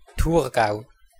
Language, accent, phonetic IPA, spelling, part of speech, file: German, Switzerland, [ˈtuːɐ̯ˌɡaʊ̯], Thurgau, proper noun, De-Thurgau.ogg
- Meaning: Thurgau (a canton of Switzerland)